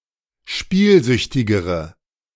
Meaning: inflection of spielsüchtig: 1. strong/mixed nominative/accusative feminine singular comparative degree 2. strong nominative/accusative plural comparative degree
- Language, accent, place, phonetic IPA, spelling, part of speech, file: German, Germany, Berlin, [ˈʃpiːlˌzʏçtɪɡəʁə], spielsüchtigere, adjective, De-spielsüchtigere.ogg